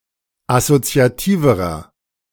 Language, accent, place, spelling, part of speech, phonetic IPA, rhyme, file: German, Germany, Berlin, assoziativerer, adjective, [asot͡si̯aˈtiːvəʁɐ], -iːvəʁɐ, De-assoziativerer.ogg
- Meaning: inflection of assoziativ: 1. strong/mixed nominative masculine singular comparative degree 2. strong genitive/dative feminine singular comparative degree 3. strong genitive plural comparative degree